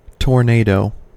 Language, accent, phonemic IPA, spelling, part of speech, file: English, US, /tɔɹˈneɪ.doʊ/, tornado, noun / verb, En-us-tornado.ogg
- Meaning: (noun) A violent wind in the form of a mobile, rapidly rotating, funnel cloud that has contacted the ground; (verb) To sweep through something violently